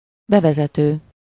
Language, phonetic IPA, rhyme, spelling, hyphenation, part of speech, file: Hungarian, [ˈbɛvɛzɛtøː], -tøː, bevezető, be‧ve‧ze‧tő, verb / adjective / noun, Hu-bevezető.ogg
- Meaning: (verb) present participle of bevezet; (adjective) introductory; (noun) 1. introducer 2. preface, introduction